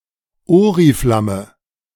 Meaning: oriflamme
- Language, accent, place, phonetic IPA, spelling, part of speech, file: German, Germany, Berlin, [ˈoːʁiflamə], Oriflamme, noun, De-Oriflamme.ogg